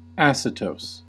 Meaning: Sour like vinegar; acetous
- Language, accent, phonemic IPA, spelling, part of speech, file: English, US, /ˈæs.ɪ.toʊs/, acetose, adjective, En-us-acetose.ogg